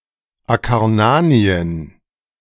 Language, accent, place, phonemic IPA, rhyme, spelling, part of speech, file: German, Germany, Berlin, /akaʁˈnaːni̯ən/, -aːni̯ən, Akarnanien, proper noun, De-Akarnanien.ogg
- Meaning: Acarnania (a region in ancient Greece)